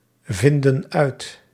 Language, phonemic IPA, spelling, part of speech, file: Dutch, /ˈvɪndə(n) ˈœyt/, vinden uit, verb, Nl-vinden uit.ogg
- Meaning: inflection of uitvinden: 1. plural present indicative 2. plural present subjunctive